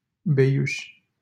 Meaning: a town in Bihor County, Romania
- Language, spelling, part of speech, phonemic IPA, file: Romanian, Beiuș, proper noun, /beˈjuʃ/, LL-Q7913 (ron)-Beiuș.wav